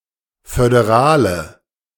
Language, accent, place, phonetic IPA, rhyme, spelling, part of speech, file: German, Germany, Berlin, [fødeˈʁaːlə], -aːlə, föderale, adjective, De-föderale.ogg
- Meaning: inflection of föderal: 1. strong/mixed nominative/accusative feminine singular 2. strong nominative/accusative plural 3. weak nominative all-gender singular 4. weak accusative feminine/neuter singular